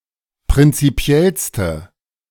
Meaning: inflection of prinzipiell: 1. strong/mixed nominative/accusative feminine singular superlative degree 2. strong nominative/accusative plural superlative degree
- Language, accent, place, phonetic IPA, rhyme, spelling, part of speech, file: German, Germany, Berlin, [pʁɪnt͡siˈpi̯ɛlstə], -ɛlstə, prinzipiellste, adjective, De-prinzipiellste.ogg